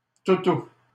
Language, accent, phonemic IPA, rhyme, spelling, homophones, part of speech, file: French, Canada, /tu.tu/, -u, toutou, toutous, noun, LL-Q150 (fra)-toutou.wav
- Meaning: 1. doggie, bow-wow (dog) 2. soft toy, stuffed animal 3. poodle (person servile towards someone whom they consider their superior)